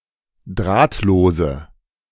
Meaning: inflection of drahtlos: 1. strong/mixed nominative/accusative feminine singular 2. strong nominative/accusative plural 3. weak nominative all-gender singular
- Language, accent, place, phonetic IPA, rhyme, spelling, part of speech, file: German, Germany, Berlin, [ˈdʁaːtloːzə], -aːtloːzə, drahtlose, adjective, De-drahtlose.ogg